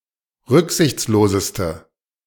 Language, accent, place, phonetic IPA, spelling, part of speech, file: German, Germany, Berlin, [ˈʁʏkzɪçt͡sloːzəstə], rücksichtsloseste, adjective, De-rücksichtsloseste.ogg
- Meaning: inflection of rücksichtslos: 1. strong/mixed nominative/accusative feminine singular superlative degree 2. strong nominative/accusative plural superlative degree